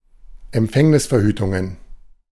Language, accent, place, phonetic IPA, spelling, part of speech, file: German, Germany, Berlin, [ɛmˈp͡fɛŋnɪsfɛɐ̯ˌhyːtʊŋən], Empfängnisverhütungen, noun, De-Empfängnisverhütungen.ogg
- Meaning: plural of Empfängnisverhütung